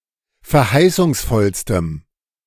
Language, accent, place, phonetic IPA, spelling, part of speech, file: German, Germany, Berlin, [fɛɐ̯ˈhaɪ̯sʊŋsˌfɔlstəm], verheißungsvollstem, adjective, De-verheißungsvollstem.ogg
- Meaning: strong dative masculine/neuter singular superlative degree of verheißungsvoll